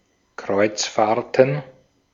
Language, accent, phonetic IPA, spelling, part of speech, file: German, Austria, [ˈkʁɔɪ̯t͡sˌfaːɐ̯tn̩], Kreuzfahrten, noun, De-at-Kreuzfahrten.ogg
- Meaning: plural of Kreuzfahrt